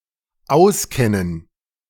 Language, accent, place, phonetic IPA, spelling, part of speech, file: German, Germany, Berlin, [ˈaʊ̯sˌkɛnən], auskennen, verb, De-auskennen.ogg
- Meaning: 1. to know one's way around 2. to know a lot (about); to have profound and systematic knowledge (of)